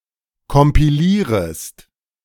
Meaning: second-person singular subjunctive I of kompilieren
- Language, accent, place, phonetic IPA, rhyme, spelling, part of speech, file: German, Germany, Berlin, [kɔmpiˈliːʁəst], -iːʁəst, kompilierest, verb, De-kompilierest.ogg